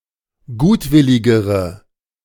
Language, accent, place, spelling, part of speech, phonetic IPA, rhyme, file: German, Germany, Berlin, gutwilligere, adjective, [ˈɡuːtˌvɪlɪɡəʁə], -uːtvɪlɪɡəʁə, De-gutwilligere.ogg
- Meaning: inflection of gutwillig: 1. strong/mixed nominative/accusative feminine singular comparative degree 2. strong nominative/accusative plural comparative degree